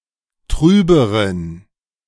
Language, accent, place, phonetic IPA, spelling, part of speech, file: German, Germany, Berlin, [ˈtʁyːbəʁən], trüberen, adjective, De-trüberen.ogg
- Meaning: inflection of trüb: 1. strong genitive masculine/neuter singular comparative degree 2. weak/mixed genitive/dative all-gender singular comparative degree